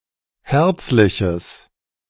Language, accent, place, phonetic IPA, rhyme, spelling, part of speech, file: German, Germany, Berlin, [ˈhɛʁt͡slɪçəs], -ɛʁt͡slɪçəs, herzliches, adjective, De-herzliches.ogg
- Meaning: strong/mixed nominative/accusative neuter singular of herzlich